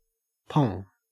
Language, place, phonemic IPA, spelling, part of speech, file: English, Queensland, /pɔŋ/, pong, noun / verb, En-au-pong.ogg
- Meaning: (noun) A stench, a bad smell; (verb) 1. To stink, to smell bad 2. To deliver a line of a play in an arch, suggestive or unnatural way, so as to draw undue attention to it